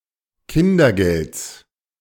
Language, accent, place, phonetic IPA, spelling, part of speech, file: German, Germany, Berlin, [ˈkɪndɐˌɡɛlt͡s], Kindergelds, noun, De-Kindergelds.ogg
- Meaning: genitive singular of Kindergeld